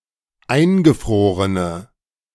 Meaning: inflection of eingefroren: 1. strong/mixed nominative/accusative feminine singular 2. strong nominative/accusative plural 3. weak nominative all-gender singular
- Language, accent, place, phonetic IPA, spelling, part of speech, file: German, Germany, Berlin, [ˈaɪ̯nɡəˌfʁoːʁənə], eingefrorene, adjective, De-eingefrorene.ogg